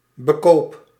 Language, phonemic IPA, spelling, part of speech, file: Dutch, /bəˈkop/, bekoop, verb, Nl-bekoop.ogg
- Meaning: inflection of bekopen: 1. first-person singular present indicative 2. second-person singular present indicative 3. imperative